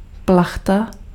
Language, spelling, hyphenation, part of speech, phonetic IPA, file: Czech, plachta, plach‧ta, noun, [ˈplaxta], Cs-plachta.ogg
- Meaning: 1. sail 2. canvas 3. tarp